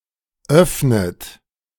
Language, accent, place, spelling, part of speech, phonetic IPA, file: German, Germany, Berlin, öffnet, verb, [ˈœfnət], De-öffnet.ogg
- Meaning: inflection of öffnen: 1. third-person singular present 2. second-person plural present 3. second-person plural subjunctive I 4. plural imperative